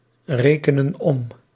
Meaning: inflection of omrekenen: 1. plural present indicative 2. plural present subjunctive
- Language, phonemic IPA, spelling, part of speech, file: Dutch, /ˈrekənə(n) ˈɔm/, rekenen om, verb, Nl-rekenen om.ogg